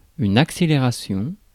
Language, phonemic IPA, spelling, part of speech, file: French, /ak.se.le.ʁa.sjɔ̃/, accélération, noun, Fr-accélération.ogg
- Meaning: acceleration